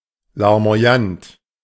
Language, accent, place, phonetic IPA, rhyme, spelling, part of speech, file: German, Germany, Berlin, [laʁmo̯aˈjant], -ant, larmoyant, adjective, De-larmoyant.ogg
- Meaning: tearful, maudlin